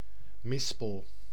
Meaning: 1. medlar; any tree of the genus Mespilus, now Crataegus sect. Mespilus 2. medlar (fruit)
- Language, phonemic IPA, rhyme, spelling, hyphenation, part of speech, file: Dutch, /ˈmɪs.pəl/, -ɪspəl, mispel, mis‧pel, noun, Nl-mispel.ogg